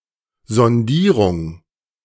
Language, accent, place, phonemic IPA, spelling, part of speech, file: German, Germany, Berlin, /zɔnˈdiːʁʊŋ/, Sondierung, noun, De-Sondierung.ogg
- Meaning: 1. sounding (test made with a probe or sonde) 2. probe 3. investigation